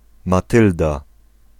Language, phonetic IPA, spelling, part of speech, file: Polish, [maˈtɨlda], Matylda, proper noun, Pl-Matylda.ogg